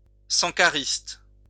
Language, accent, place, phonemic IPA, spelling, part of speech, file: French, France, Lyon, /sɑ̃.ka.ʁist/, sankariste, noun, LL-Q150 (fra)-sankariste.wav
- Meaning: a follower/proponent of sankarisme